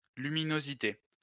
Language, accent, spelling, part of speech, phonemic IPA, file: French, France, luminosité, noun, /ly.mi.no.zi.te/, LL-Q150 (fra)-luminosité.wav
- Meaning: 1. brightness 2. luminosity (the total amount of electromagnetic energy emitted per unit of time by a star, galaxy, or other astronomical objects)